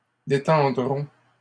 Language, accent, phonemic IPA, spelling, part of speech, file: French, Canada, /de.tɑ̃.dʁɔ̃/, détendront, verb, LL-Q150 (fra)-détendront.wav
- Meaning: third-person plural simple future of détendre